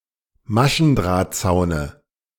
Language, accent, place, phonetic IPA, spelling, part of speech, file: German, Germany, Berlin, [ˈmaʃn̩dʁaːtˌt͡saʊ̯nə], Maschendrahtzaune, noun, De-Maschendrahtzaune.ogg
- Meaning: dative singular of Maschendrahtzaun